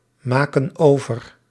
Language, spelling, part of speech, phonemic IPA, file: Dutch, maken over, verb, /ˈmakə(n) ˈovər/, Nl-maken over.ogg
- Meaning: inflection of overmaken: 1. plural present indicative 2. plural present subjunctive